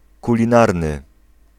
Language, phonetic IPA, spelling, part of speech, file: Polish, [ˌkulʲĩˈnarnɨ], kulinarny, adjective, Pl-kulinarny.ogg